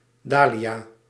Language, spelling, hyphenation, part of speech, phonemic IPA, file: Dutch, dahlia, dah‧lia, noun, /ˈdaː.liˌaː/, Nl-dahlia.ogg
- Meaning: dahlia, plant of the genus Dahlia